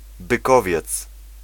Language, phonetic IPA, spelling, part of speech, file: Polish, [bɨˈkɔvʲjɛt͡s], bykowiec, noun, Pl-bykowiec.ogg